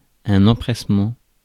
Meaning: 1. attentiveness 2. eagerness, alacrity
- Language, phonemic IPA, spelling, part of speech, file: French, /ɑ̃.pʁɛs.mɑ̃/, empressement, noun, Fr-empressement.ogg